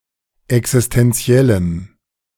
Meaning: strong dative masculine/neuter singular of existenziell
- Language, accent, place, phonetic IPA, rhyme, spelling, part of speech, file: German, Germany, Berlin, [ɛksɪstɛnˈt͡si̯ɛləm], -ɛləm, existenziellem, adjective, De-existenziellem.ogg